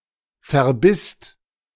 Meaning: second-person singular/plural preterite of verbeißen
- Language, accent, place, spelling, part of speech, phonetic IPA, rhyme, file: German, Germany, Berlin, verbisst, verb, [fɛɐ̯ˈbɪst], -ɪst, De-verbisst.ogg